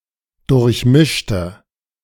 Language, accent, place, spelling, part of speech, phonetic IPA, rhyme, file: German, Germany, Berlin, durchmischter, adjective, [dʊʁçˈmɪʃtɐ], -ɪʃtɐ, De-durchmischter.ogg
- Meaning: inflection of durchmischt: 1. strong/mixed nominative masculine singular 2. strong genitive/dative feminine singular 3. strong genitive plural